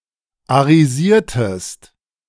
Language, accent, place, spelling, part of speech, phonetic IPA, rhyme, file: German, Germany, Berlin, arisiertest, verb, [aʁiˈziːɐ̯təst], -iːɐ̯təst, De-arisiertest.ogg
- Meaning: inflection of arisieren: 1. second-person singular preterite 2. second-person singular subjunctive II